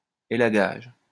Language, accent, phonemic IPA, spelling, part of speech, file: French, France, /e.la.ɡaʒ/, élagage, noun, LL-Q150 (fra)-élagage.wav
- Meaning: pruning